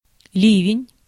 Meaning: shower, downpour, heavy rain, cloud-burst
- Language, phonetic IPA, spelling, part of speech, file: Russian, [ˈlʲivʲɪnʲ], ливень, noun, Ru-ливень.ogg